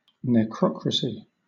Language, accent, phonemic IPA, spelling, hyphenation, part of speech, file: English, Southern England, /nɛˈkɹɒkɹəsi/, necrocracy, ne‧cro‧cra‧cy, noun, LL-Q1860 (eng)-necrocracy.wav
- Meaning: 1. A form of government imposed by those who have since died 2. A form of government where a dead person is recognised as its head; usually a deceased former leader 3. A government ruled by the undead